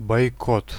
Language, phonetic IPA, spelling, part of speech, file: Russian, [bɐjˈkot], бойкот, noun, Ru-бойкот.ogg
- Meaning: boycott